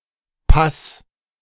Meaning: singular imperative of passen
- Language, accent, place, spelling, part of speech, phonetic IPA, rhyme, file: German, Germany, Berlin, pass, verb, [pas], -as, De-pass.ogg